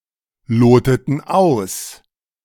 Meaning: inflection of ausloten: 1. first/third-person plural preterite 2. first/third-person plural subjunctive II
- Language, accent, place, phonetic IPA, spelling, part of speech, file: German, Germany, Berlin, [ˌloːtətn̩ ˈaʊ̯s], loteten aus, verb, De-loteten aus.ogg